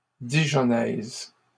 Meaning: feminine singular of dijonnais
- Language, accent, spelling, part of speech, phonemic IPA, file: French, Canada, dijonnaise, adjective, /di.ʒɔ.nɛz/, LL-Q150 (fra)-dijonnaise.wav